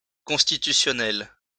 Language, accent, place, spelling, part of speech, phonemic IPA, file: French, France, Lyon, constitutionnel, adjective, /kɔ̃s.ti.ty.sjɔ.nɛl/, LL-Q150 (fra)-constitutionnel.wav
- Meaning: constitutional